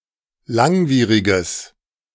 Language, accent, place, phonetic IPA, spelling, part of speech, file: German, Germany, Berlin, [ˈlaŋˌviːʁɪɡəs], langwieriges, adjective, De-langwieriges.ogg
- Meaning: strong/mixed nominative/accusative neuter singular of langwierig